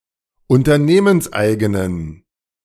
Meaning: inflection of unternehmenseigen: 1. strong genitive masculine/neuter singular 2. weak/mixed genitive/dative all-gender singular 3. strong/weak/mixed accusative masculine singular
- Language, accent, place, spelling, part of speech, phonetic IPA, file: German, Germany, Berlin, unternehmenseigenen, adjective, [ʊntɐˈneːmənsˌʔaɪ̯ɡənən], De-unternehmenseigenen.ogg